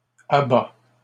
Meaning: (noun) offal, giblets; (verb) inflection of abattre: 1. first/second-person singular present indicative 2. second-person singular present imperative
- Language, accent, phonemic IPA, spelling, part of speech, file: French, Canada, /a.ba/, abats, noun / verb, LL-Q150 (fra)-abats.wav